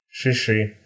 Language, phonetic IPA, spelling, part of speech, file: Russian, [ʂɨˈʂɨ], шиши, noun, Ru-шиши́.ogg
- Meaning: nominative/accusative plural of шиш (šiš)